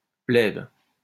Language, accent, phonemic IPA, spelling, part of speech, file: French, France, /plɛb/, plèbe, noun, LL-Q150 (fra)-plèbe.wav
- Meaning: 1. pleb 2. people, mob